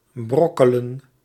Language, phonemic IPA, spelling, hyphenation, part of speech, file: Dutch, /ˈbrɔkələ(n)/, brokkelen, brok‧ke‧len, verb, Nl-brokkelen.ogg
- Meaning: to crumble